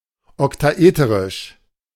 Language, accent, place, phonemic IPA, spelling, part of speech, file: German, Germany, Berlin, /ɔktaˈʔeːtəʁɪʃ/, oktaeterisch, adjective, De-oktaeterisch.ogg
- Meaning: octaeteric